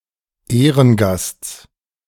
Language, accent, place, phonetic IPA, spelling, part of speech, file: German, Germany, Berlin, [ˈeːʁənˌɡast͡s], Ehrengasts, noun, De-Ehrengasts.ogg
- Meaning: genitive singular of Ehrengast